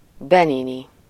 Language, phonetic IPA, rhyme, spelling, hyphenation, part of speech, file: Hungarian, [ˈbɛnini], -ni, benini, be‧ni‧ni, adjective / noun, Hu-benini.ogg
- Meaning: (adjective) Beninese (of or relating to Benin and its people); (noun) Beninese (a person from Benin or of Beninese descent)